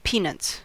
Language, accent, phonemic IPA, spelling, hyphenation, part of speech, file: English, General American, /ˈpiˌnʌts/, peanuts, pea‧nuts, noun / verb, En-us-peanuts.ogg
- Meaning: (noun) 1. plural of peanut 2. Especially of a salary: a very insufficient or small amount; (verb) third-person singular simple present indicative of peanut